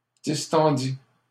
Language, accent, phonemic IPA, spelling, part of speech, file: French, Canada, /dis.tɑ̃.di/, distendit, verb, LL-Q150 (fra)-distendit.wav
- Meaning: third-person singular past historic of distendre